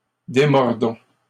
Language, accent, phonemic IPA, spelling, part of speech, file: French, Canada, /de.mɔʁ.dɔ̃/, démordons, verb, LL-Q150 (fra)-démordons.wav
- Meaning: inflection of démordre: 1. first-person plural present indicative 2. first-person plural imperative